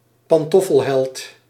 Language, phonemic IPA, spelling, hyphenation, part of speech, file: Dutch, /pɑnˈtɔ.fəlˌɦɛlt/, pantoffelheld, pan‧tof‧fel‧held, noun, Nl-pantoffelheld.ogg
- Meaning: antihero, especially a henpecked one who merely talks the talk